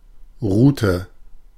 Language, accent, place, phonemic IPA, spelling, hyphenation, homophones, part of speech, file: German, Germany, Berlin, /ˈʁuːtə/, Rute, Ru‧te, Route, noun, De-Rute.ogg
- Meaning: 1. rod 2. tail of a dog 3. penis